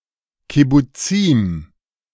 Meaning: plural of Kibbuz
- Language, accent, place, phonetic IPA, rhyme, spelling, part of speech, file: German, Germany, Berlin, [kɪbuˈt͡siːm], -iːm, Kibbuzim, noun, De-Kibbuzim.ogg